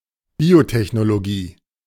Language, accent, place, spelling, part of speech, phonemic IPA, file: German, Germany, Berlin, Biotechnologie, noun, /ˈbiːotɛçnoloˌɡiː/, De-Biotechnologie.ogg
- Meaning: biotechnology (the application of the principles and practices of engineering and technology to the life sciences)